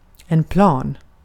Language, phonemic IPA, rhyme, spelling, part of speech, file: Swedish, /plɑːn/, -ɑːn, plan, adjective / noun, Sv-plan.ogg
- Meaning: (adjective) 1. plane (flat) 2. plane (level); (noun) 1. a plane; flat surface 2. an airplane / aeroplane 3. a plane; level of existence 4. a plan (planned actions)